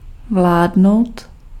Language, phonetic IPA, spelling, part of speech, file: Czech, [ˈvlaːdnou̯t], vládnout, verb, Cs-vládnout.ogg
- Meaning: to rule, to reign